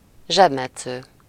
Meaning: pickpocket
- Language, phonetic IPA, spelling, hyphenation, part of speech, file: Hungarian, [ˈʒɛbmɛt͡sːøː], zsebmetsző, zseb‧met‧sző, noun, Hu-zsebmetsző.ogg